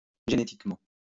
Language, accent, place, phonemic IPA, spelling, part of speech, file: French, France, Lyon, /ʒe.ne.tik.mɑ̃/, génétiquement, adverb, LL-Q150 (fra)-génétiquement.wav
- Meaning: genetically